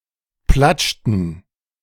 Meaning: inflection of platschen: 1. first/third-person plural preterite 2. first/third-person plural subjunctive II
- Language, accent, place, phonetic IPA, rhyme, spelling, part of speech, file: German, Germany, Berlin, [ˈplat͡ʃtn̩], -at͡ʃtn̩, platschten, verb, De-platschten.ogg